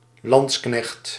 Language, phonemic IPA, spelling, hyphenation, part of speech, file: Dutch, /ˈlɑn(t)s.knɛxt/, landsknecht, lands‧knecht, noun, Nl-landsknecht.ogg
- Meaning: a lansquenet, a Landsknecht; a mercenary foot soldier, often armed with a sword or a pike